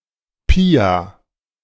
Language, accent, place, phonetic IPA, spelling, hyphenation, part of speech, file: German, Germany, Berlin, [ˈpiːa], Pia, Pi‧a, proper noun, De-Pia.ogg
- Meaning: a female given name, popular recently